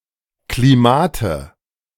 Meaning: nominative/accusative/genitive plural of Klima
- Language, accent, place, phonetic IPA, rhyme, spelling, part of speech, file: German, Germany, Berlin, [kliˈmaːtə], -aːtə, Klimate, noun, De-Klimate.ogg